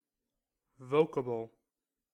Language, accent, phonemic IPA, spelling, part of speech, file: English, US, /ˈvoʊkəbl̩/, vocable, noun / adjective, En-us-vocable.ogg
- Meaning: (noun) 1. A word or utterance, especially with reference to its form rather than its meaning 2. A syllable or sound without specific meaning, used together with or in place of actual words in a song